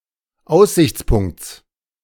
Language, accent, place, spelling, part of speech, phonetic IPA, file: German, Germany, Berlin, Aussichtspunkts, noun, [ˈaʊ̯szɪçt͡sˌpʊŋkt͡s], De-Aussichtspunkts.ogg
- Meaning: genitive singular of Aussichtspunkt